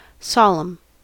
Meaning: 1. Of or pertaining to religious ceremonies and rites; (generally) religious in nature; sacred 2. Characterized by or performed with appropriate or great ceremony or formality
- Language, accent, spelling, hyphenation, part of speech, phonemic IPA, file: English, General American, solemn, sol‧emn, adjective, /ˈsɑləm/, En-us-solemn.ogg